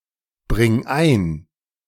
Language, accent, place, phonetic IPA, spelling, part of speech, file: German, Germany, Berlin, [ˌbʁɪŋ ˈaɪ̯n], bring ein, verb, De-bring ein.ogg
- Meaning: singular imperative of einbringen